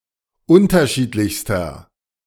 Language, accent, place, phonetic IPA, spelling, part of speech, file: German, Germany, Berlin, [ˈʊntɐˌʃiːtlɪçstɐ], unterschiedlichster, adjective, De-unterschiedlichster.ogg
- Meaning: inflection of unterschiedlich: 1. strong/mixed nominative masculine singular superlative degree 2. strong genitive/dative feminine singular superlative degree